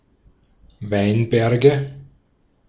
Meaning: nominative/accusative/genitive plural of Weinberg
- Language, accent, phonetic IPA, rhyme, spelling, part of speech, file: German, Austria, [ˈvaɪ̯nˌbɛʁɡə], -aɪ̯nbɛʁɡə, Weinberge, noun, De-at-Weinberge.ogg